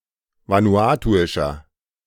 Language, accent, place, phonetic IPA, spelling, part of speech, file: German, Germany, Berlin, [ˌvanuˈaːtuɪʃɐ], vanuatuischer, adjective, De-vanuatuischer.ogg
- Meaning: inflection of vanuatuisch: 1. strong/mixed nominative masculine singular 2. strong genitive/dative feminine singular 3. strong genitive plural